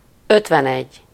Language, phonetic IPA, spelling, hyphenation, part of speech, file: Hungarian, [ˈøtvɛnɛɟː], ötvenegy, öt‧ven‧egy, numeral, Hu-ötvenegy.ogg
- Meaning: fifty-one